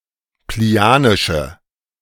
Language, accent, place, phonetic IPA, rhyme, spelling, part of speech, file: German, Germany, Berlin, [pliˈni̯aːnɪʃə], -aːnɪʃə, plinianische, adjective, De-plinianische.ogg
- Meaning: inflection of plinianisch: 1. strong/mixed nominative/accusative feminine singular 2. strong nominative/accusative plural 3. weak nominative all-gender singular